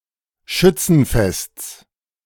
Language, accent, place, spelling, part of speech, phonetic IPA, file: German, Germany, Berlin, Schützenfests, noun, [ˈʃʏt͡sn̩ˌfɛst͡s], De-Schützenfests.ogg
- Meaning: genitive of Schützenfest